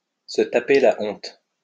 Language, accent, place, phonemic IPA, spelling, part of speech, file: French, France, Lyon, /sə ta.pe la ɔ̃t/, se taper la honte, verb, LL-Q150 (fra)-se taper la honte.wav
- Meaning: to look like an idiot, to look like a pillock, to make a fool of oneself, to be a laughing stock, to get ridiculed in front of everybody